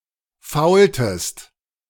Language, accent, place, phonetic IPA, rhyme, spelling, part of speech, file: German, Germany, Berlin, [ˈfaʊ̯ltəst], -aʊ̯ltəst, faultest, verb, De-faultest.ogg
- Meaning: inflection of faulen: 1. second-person singular preterite 2. second-person singular subjunctive II